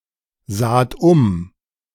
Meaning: second-person plural preterite of umsehen
- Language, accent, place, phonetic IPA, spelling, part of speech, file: German, Germany, Berlin, [ˌzaːt ˈʊm], saht um, verb, De-saht um.ogg